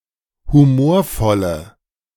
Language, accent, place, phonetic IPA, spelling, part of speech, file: German, Germany, Berlin, [huˈmoːɐ̯ˌfɔlə], humorvolle, adjective, De-humorvolle.ogg
- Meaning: inflection of humorvoll: 1. strong/mixed nominative/accusative feminine singular 2. strong nominative/accusative plural 3. weak nominative all-gender singular